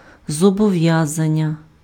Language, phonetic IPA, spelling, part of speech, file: Ukrainian, [zɔbɔˈʋjazɐnʲːɐ], зобов'язання, noun, Uk-зобов'язання.ogg
- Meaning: 1. commitment, engagement, obligation 2. liability